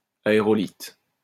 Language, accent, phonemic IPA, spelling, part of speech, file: French, France, /a.e.ʁɔ.lit/, aérolithe, noun, LL-Q150 (fra)-aérolithe.wav
- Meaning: aerolite